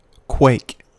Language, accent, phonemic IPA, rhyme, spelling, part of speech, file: English, US, /kweɪk/, -eɪk, quake, noun / verb, En-us-quake.ogg
- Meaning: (noun) 1. A trembling or shaking 2. An earthquake, a trembling of the ground with force 3. Something devastating, like a strong earthquake; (verb) To tremble or shake